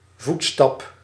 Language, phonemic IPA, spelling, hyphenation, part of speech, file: Dutch, /ˈvut.stɑp/, voetstap, voet‧stap, noun, Nl-voetstap.ogg
- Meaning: footstep